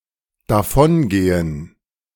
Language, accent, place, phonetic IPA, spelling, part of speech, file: German, Germany, Berlin, [daˈfɔnˌɡeːən], davongehen, verb, De-davongehen.ogg
- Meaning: to walk away